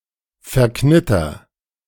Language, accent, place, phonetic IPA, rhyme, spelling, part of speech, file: German, Germany, Berlin, [fɛɐ̯ˈknɪtɐ], -ɪtɐ, verknitter, verb, De-verknitter.ogg
- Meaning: inflection of verknittern: 1. first-person singular present 2. singular imperative